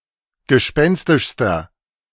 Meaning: inflection of gespenstisch: 1. strong/mixed nominative masculine singular superlative degree 2. strong genitive/dative feminine singular superlative degree 3. strong genitive plural superlative degree
- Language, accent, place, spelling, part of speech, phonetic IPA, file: German, Germany, Berlin, gespenstischster, adjective, [ɡəˈʃpɛnstɪʃstɐ], De-gespenstischster.ogg